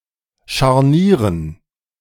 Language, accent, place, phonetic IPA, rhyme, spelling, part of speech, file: German, Germany, Berlin, [ʃaʁˈniːʁən], -iːʁən, Scharnieren, noun, De-Scharnieren.ogg
- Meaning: dative plural of Scharnier